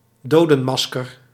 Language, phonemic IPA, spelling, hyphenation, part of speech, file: Dutch, /ˈdoː.də(n)ˌmɑs.kər/, dodenmasker, do‧den‧mas‧ker, noun, Nl-dodenmasker.ogg
- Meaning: death mask